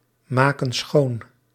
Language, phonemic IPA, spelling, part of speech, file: Dutch, /ˈmakə(n) ˈsxon/, maken schoon, verb, Nl-maken schoon.ogg
- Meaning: inflection of schoonmaken: 1. plural present indicative 2. plural present subjunctive